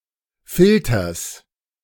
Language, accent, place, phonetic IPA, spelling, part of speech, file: German, Germany, Berlin, [ˈfɪltɐs], Filters, noun, De-Filters.ogg
- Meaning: genitive singular of Filter